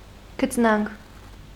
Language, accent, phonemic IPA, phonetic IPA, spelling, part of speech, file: Armenian, Eastern Armenian, /kʰət͡sˈnɑnkʰ/, [kʰət͡snɑ́ŋkʰ], քծնանք, noun, Hy-քծնանք.ogg
- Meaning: servility, cringing, obsequiousness